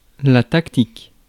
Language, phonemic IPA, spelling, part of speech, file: French, /tak.tik/, tactique, noun / adjective, Fr-tactique.ogg
- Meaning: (noun) tactic; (adjective) tactical